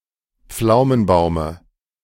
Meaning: dative of Pflaumenbaum
- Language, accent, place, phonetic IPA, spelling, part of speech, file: German, Germany, Berlin, [ˈp͡flaʊ̯mənˌbaʊ̯mə], Pflaumenbaume, noun, De-Pflaumenbaume.ogg